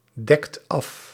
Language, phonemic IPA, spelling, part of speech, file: Dutch, /ˈdɛkt ˈɑf/, dekt af, verb, Nl-dekt af.ogg
- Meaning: inflection of afdekken: 1. second/third-person singular present indicative 2. plural imperative